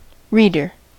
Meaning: 1. A person who reads 2. A person who reads a publication 3. A person who recites literary works, usually to an audience 4. A proofreader
- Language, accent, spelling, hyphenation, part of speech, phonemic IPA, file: English, US, reader, read‧er, noun, /ˈɹi.dɚ/, En-us-reader.ogg